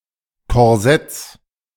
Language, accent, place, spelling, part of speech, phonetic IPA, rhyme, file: German, Germany, Berlin, Korsetts, noun, [kɔʁˈzɛt͡s], -ɛt͡s, De-Korsetts.ogg
- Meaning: genitive singular of Korsett